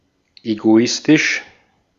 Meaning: egoistic
- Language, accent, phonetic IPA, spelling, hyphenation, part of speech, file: German, Austria, [eɡoˈɪstɪʃ], egoistisch, ego‧is‧tisch, adjective, De-at-egoistisch.ogg